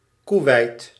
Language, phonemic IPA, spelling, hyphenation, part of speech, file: Dutch, /kuˈʋɛi̯t/, Koeweit, Koe‧weit, proper noun, Nl-Koeweit.ogg
- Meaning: Kuwait (a country in West Asia in the Middle East)